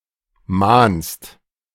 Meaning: second-person singular present of mahnen
- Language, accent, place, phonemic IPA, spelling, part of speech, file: German, Germany, Berlin, /maːnst/, mahnst, verb, De-mahnst.ogg